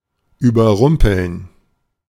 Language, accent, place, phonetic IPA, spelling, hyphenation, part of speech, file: German, Germany, Berlin, [yːbɐˈʁʊmpl̩n], überrumpeln, über‧rum‧peln, verb, De-überrumpeln.ogg
- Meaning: to take by surprise